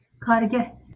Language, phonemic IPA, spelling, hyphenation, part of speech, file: Northern Kurdish, /kɑːɾˈɡɛh/, kargeh, kar‧geh, noun, LL-Q36368 (kur)-kargeh.wav
- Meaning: 1. workplace 2. factory, workshop